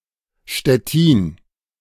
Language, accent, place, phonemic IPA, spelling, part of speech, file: German, Germany, Berlin, /ʃtɛˈtiːn/, Stettin, proper noun, De-Stettin.ogg
- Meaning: Stettin, Szczecin (a city in West Pomeranian Voivodeship, Poland)